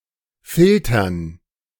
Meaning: dative plural of Filter
- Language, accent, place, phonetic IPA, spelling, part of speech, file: German, Germany, Berlin, [ˈfɪltɐn], Filtern, noun, De-Filtern.ogg